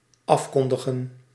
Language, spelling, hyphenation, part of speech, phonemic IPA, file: Dutch, afkondigen, af‧kon‧di‧gen, verb, /ˈɑfkɔndəɣə(n)/, Nl-afkondigen.ogg
- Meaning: to declare, proclaim